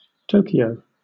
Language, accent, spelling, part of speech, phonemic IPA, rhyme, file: English, Southern England, Tokyo, proper noun, /ˈtəʊ.ki.əʊ/, -əʊkiəʊ, LL-Q1860 (eng)-Tokyo.wav
- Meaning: 1. A prefecture and capital city of Japan 2. The Japanese government